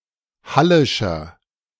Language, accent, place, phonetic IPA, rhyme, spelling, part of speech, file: German, Germany, Berlin, [ˈhalɪʃɐ], -alɪʃɐ, hallischer, adjective, De-hallischer.ogg
- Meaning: inflection of hallisch: 1. strong/mixed nominative masculine singular 2. strong genitive/dative feminine singular 3. strong genitive plural